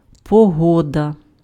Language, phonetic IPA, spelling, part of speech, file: Ukrainian, [pɔˈɦɔdɐ], погода, noun, Uk-погода.ogg
- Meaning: 1. weather 2. bad weather